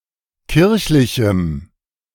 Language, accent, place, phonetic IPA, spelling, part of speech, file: German, Germany, Berlin, [ˈkɪʁçlɪçm̩], kirchlichem, adjective, De-kirchlichem.ogg
- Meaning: strong dative masculine/neuter singular of kirchlich